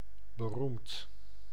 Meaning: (adjective) famous, renowned; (verb) past participle of beroemen
- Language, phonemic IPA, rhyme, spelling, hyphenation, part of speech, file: Dutch, /bəˈrumt/, -umt, beroemd, be‧roemd, adjective / verb, Nl-beroemd.ogg